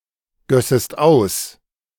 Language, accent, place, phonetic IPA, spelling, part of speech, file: German, Germany, Berlin, [ˌɡœsəst ˈaʊ̯s], gössest aus, verb, De-gössest aus.ogg
- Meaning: second-person singular subjunctive II of ausgießen